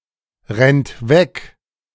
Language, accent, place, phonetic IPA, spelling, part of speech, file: German, Germany, Berlin, [ˌʁɛnt ˈvɛk], rennt weg, verb, De-rennt weg.ogg
- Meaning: inflection of wegrennen: 1. third-person singular present 2. second-person plural present 3. plural imperative